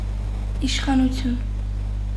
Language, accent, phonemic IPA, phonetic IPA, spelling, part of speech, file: Armenian, Eastern Armenian, /iʃχɑnuˈtʰjun/, [iʃχɑnut͡sʰjún], իշխանություն, noun, Hy-իշխանություն.ogg
- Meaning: power, authority, rule